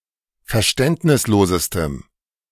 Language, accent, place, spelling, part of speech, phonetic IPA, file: German, Germany, Berlin, verständnislosestem, adjective, [fɛɐ̯ˈʃtɛntnɪsˌloːzəstəm], De-verständnislosestem.ogg
- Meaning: strong dative masculine/neuter singular superlative degree of verständnislos